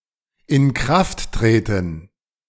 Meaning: to become effective; to come into force
- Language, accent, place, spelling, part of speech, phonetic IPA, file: German, Germany, Berlin, in Kraft treten, verb, [ɪn kʁaft ˈtʁeːtn̩], De-in Kraft treten.ogg